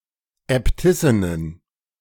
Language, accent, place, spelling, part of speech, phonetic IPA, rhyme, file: German, Germany, Berlin, Äbtissinnen, noun, [ɛpˈtɪsɪnən], -ɪsɪnən, De-Äbtissinnen.ogg
- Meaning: plural of Äbtissin